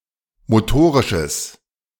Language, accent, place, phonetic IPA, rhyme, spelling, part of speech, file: German, Germany, Berlin, [moˈtoːʁɪʃəs], -oːʁɪʃəs, motorisches, adjective, De-motorisches.ogg
- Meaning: strong/mixed nominative/accusative neuter singular of motorisch